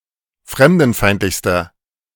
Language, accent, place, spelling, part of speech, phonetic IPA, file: German, Germany, Berlin, fremdenfeindlichster, adjective, [ˈfʁɛmdn̩ˌfaɪ̯ntlɪçstɐ], De-fremdenfeindlichster.ogg
- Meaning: inflection of fremdenfeindlich: 1. strong/mixed nominative masculine singular superlative degree 2. strong genitive/dative feminine singular superlative degree